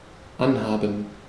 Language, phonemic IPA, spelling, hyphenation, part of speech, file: German, /ˈanˌhaːbən/, anhaben, an‧ha‧ben, verb, De-anhaben.ogg
- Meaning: 1. to wear; to have on (a piece of clothing) see usage notes 2. to have turned on; to have on (an electronic device) 3. to harm, to hurt